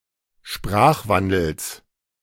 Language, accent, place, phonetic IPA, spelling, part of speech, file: German, Germany, Berlin, [ˈʃpʁaːxˌvandl̩s], Sprachwandels, noun, De-Sprachwandels.ogg
- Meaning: genitive singular of Sprachwandel